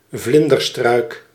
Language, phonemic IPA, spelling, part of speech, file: Dutch, /ˈvlɪn.dərˌstrœy̯k/, vlinderstruik, noun, Nl-vlinderstruik.ogg
- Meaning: butterfly bush (Buddleja davidii)